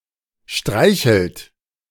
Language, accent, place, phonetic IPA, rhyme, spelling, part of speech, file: German, Germany, Berlin, [ˈʃtʁaɪ̯çl̩t], -aɪ̯çl̩t, streichelt, verb, De-streichelt.ogg
- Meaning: inflection of streicheln: 1. third-person singular present 2. second-person plural present 3. plural imperative